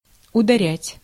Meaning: to hit, to strike
- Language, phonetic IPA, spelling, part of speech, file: Russian, [ʊdɐˈrʲætʲ], ударять, verb, Ru-ударять.ogg